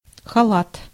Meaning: 1. dressing gown, bathrobe (for men or women) 2. dress (any kind that is knee-length to full and that opens down the front) 3. smock 4. surgical gown 5. khalat
- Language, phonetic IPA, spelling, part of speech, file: Russian, [xɐˈɫat], халат, noun, Ru-халат.ogg